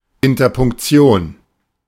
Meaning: punctuation
- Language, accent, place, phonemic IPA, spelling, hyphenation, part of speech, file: German, Germany, Berlin, /ɪntɐpʊŋkˈt͡si̯oːn/, Interpunktion, In‧ter‧punk‧ti‧on, noun, De-Interpunktion.ogg